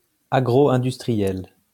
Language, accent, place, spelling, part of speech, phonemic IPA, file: French, France, Lyon, agroindustriel, adjective, /a.ɡʁo.ɛ̃.dys.tʁi.jɛl/, LL-Q150 (fra)-agroindustriel.wav
- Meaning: agroindustrial